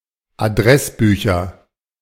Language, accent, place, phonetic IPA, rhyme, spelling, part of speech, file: German, Germany, Berlin, [aˈdʁɛsˌbyːçɐ], -ɛsbyːçɐ, Adressbücher, noun, De-Adressbücher.ogg
- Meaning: nominative/accusative/genitive plural of Adressbuch